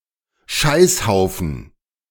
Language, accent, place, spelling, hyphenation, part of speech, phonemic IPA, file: German, Germany, Berlin, Scheißhaufen, Scheiß‧hau‧fen, noun, /ˈʃaɪ̯sˌhaʊ̯fn̩/, De-Scheißhaufen.ogg
- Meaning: turdpile